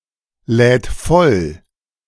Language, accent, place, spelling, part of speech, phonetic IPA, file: German, Germany, Berlin, lädt voll, verb, [ˌlɛːt ˈfɔl], De-lädt voll.ogg
- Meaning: third-person singular present of vollladen